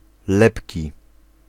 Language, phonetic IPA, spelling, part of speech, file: Polish, [ˈlɛpʲci], lepki, adjective, Pl-lepki.ogg